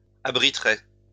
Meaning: third-person singular conditional of abriter
- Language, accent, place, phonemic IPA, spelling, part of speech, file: French, France, Lyon, /a.bʁi.tʁɛ/, abriterait, verb, LL-Q150 (fra)-abriterait.wav